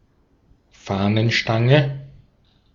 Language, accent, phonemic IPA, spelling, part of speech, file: German, Austria, /ˈfaːnənˌʃtaŋə/, Fahnenstange, noun, De-at-Fahnenstange.ogg
- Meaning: flagpole, flagstaff